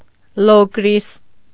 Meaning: Locris (an ancient region of Greece, the homeland of the Locrians, made up of three distinct districts)
- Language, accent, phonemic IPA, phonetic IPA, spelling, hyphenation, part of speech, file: Armenian, Eastern Armenian, /lokˈɾis/, [lokɾís], Լոկրիս, Լոկ‧րիս, proper noun, Hy-Լոկրիս.ogg